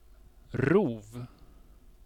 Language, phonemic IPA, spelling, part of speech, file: Swedish, /ruːv/, rov, noun, Sv-rov.ogg
- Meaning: 1. predation 2. prey 3. loot, booty, swag